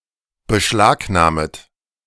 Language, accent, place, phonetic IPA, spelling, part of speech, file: German, Germany, Berlin, [bəˈʃlaːkˌnaːmət], beschlagnahmet, verb, De-beschlagnahmet.ogg
- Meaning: second-person plural subjunctive I of beschlagnahmen